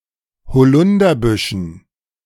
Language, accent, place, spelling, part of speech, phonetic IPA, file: German, Germany, Berlin, Holunderbüschen, noun, [hoˈlʊndɐˌbʏʃn̩], De-Holunderbüschen.ogg
- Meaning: dative plural of Holunderbusch